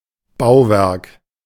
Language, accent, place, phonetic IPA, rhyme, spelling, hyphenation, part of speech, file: German, Germany, Berlin, [ˈbaʊ̯ˌvɛʁk], -aʊ̯vɛʁk, Bauwerk, Bau‧werk, noun, De-Bauwerk.ogg
- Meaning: building, edifice